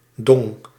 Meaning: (noun) 1. dung, manure 2. dong, the currency of Vietnam; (verb) singular past indicative of dingen
- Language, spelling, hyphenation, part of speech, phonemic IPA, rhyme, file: Dutch, dong, dong, noun / verb, /dɔŋ/, -ɔŋ, Nl-dong.ogg